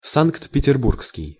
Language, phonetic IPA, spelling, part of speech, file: Russian, [ˌsankt pʲɪtʲɪrˈbur(k)skʲɪj], санкт-петербургский, adjective, Ru-санкт-петербургский.ogg
- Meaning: St. Petersburg